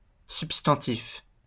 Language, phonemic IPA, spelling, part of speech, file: French, /syp.stɑ̃.tif/, substantif, adjective / noun, LL-Q150 (fra)-substantif.wav
- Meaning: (adjective) substantive